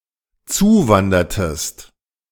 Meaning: inflection of zuwandern: 1. second-person singular dependent preterite 2. second-person singular dependent subjunctive II
- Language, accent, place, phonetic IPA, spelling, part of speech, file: German, Germany, Berlin, [ˈt͡suːˌvandɐtəst], zuwandertest, verb, De-zuwandertest.ogg